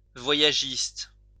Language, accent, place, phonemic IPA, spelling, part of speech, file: French, France, Lyon, /vwa.ja.ʒist/, voyagiste, noun, LL-Q150 (fra)-voyagiste.wav
- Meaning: tour operator